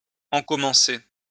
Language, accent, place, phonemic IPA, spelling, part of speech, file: French, France, Lyon, /ɑ̃.kɔ.mɑ̃.se/, encommencer, verb, LL-Q150 (fra)-encommencer.wav
- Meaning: to begin, start, initiate, or commence